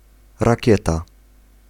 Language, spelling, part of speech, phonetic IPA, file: Polish, rakieta, noun, [raˈcɛta], Pl-rakieta.ogg